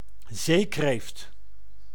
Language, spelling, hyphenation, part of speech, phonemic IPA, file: Dutch, zeekreeft, zee‧kreeft, noun, /ˈzeːkreːft/, Nl-zeekreeft.ogg
- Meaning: lobster (crustacean)